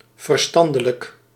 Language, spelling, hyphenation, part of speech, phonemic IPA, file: Dutch, verstandelijk, ver‧stan‧de‧lijk, adjective, /ˌvərˈstɑn.də.lək/, Nl-verstandelijk.ogg
- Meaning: intellectual